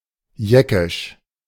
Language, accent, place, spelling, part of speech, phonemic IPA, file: German, Germany, Berlin, jeckisch, adjective, /ˈjɛkɪʃ/, De-jeckisch.ogg
- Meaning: of the Yekkes; Yekkish